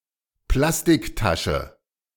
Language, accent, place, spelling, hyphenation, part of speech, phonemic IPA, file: German, Germany, Berlin, Plastiktasche, Plas‧tik‧ta‧sche, noun, /ˈplastɪkˌtaʃə/, De-Plastiktasche.ogg
- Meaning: plastic bag